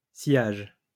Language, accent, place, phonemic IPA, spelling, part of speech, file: French, France, Lyon, /sjaʒ/, sciage, noun, LL-Q150 (fra)-sciage.wav
- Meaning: the act or the product of sawing